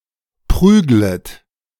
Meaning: second-person plural subjunctive I of prügeln
- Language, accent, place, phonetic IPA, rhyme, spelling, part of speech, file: German, Germany, Berlin, [ˈpʁyːɡlət], -yːɡlət, prüglet, verb, De-prüglet.ogg